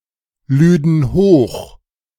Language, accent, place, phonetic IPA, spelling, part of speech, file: German, Germany, Berlin, [ˌlyːdn̩ ˈhoːx], lüden hoch, verb, De-lüden hoch.ogg
- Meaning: first/third-person plural subjunctive II of hochladen